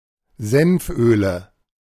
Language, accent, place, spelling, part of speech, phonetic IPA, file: German, Germany, Berlin, Senföle, noun, [ˈzɛnfˌʔøːlə], De-Senföle.ogg
- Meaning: nominative/accusative/genitive plural of Senföl